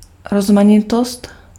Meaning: diversity
- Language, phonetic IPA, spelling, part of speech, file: Czech, [ˈrozmaɲɪtost], rozmanitost, noun, Cs-rozmanitost.ogg